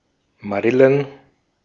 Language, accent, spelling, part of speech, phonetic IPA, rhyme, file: German, Austria, Marillen, noun, [maˈʁɪlən], -ɪlən, De-at-Marillen.ogg
- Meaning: plural of Marille